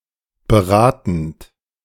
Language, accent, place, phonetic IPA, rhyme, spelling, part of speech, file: German, Germany, Berlin, [bəˈʁaːtn̩t], -aːtn̩t, beratend, verb, De-beratend.ogg
- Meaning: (verb) present participle of beraten; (adjective) advisory